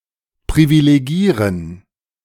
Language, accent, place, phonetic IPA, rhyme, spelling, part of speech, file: German, Germany, Berlin, [pʁivileˈɡiːʁən], -iːʁən, privilegieren, verb, De-privilegieren.ogg
- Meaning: to privilege